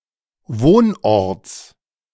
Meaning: genitive singular of Wohnort
- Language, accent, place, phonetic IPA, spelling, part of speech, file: German, Germany, Berlin, [ˈvoːnˌʔɔʁt͡s], Wohnorts, noun, De-Wohnorts.ogg